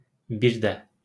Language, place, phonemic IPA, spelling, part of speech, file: Azerbaijani, Baku, /ˈbi(r)dæ/, bir də, conjunction / adverb, LL-Q9292 (aze)-bir də.wav
- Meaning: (conjunction) and; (adverb) again